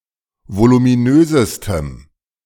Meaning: strong dative masculine/neuter singular superlative degree of voluminös
- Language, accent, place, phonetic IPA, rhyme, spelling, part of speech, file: German, Germany, Berlin, [volumiˈnøːzəstəm], -øːzəstəm, voluminösestem, adjective, De-voluminösestem.ogg